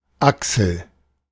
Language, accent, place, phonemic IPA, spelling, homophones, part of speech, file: German, Germany, Berlin, /ˈaksl̩/, Axel, Achsel, proper noun, De-Axel.ogg
- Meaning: a male given name from Danish